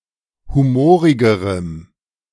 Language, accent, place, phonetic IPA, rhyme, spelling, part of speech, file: German, Germany, Berlin, [ˌhuˈmoːʁɪɡəʁəm], -oːʁɪɡəʁəm, humorigerem, adjective, De-humorigerem.ogg
- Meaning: strong dative masculine/neuter singular comparative degree of humorig